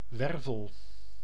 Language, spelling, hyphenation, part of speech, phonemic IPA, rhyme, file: Dutch, wervel, wer‧vel, noun / verb, /ˈʋɛrvəl/, -ɛrvəl, Nl-wervel.ogg
- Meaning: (noun) vertebra; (verb) inflection of wervelen: 1. first-person singular present indicative 2. second-person singular present indicative 3. imperative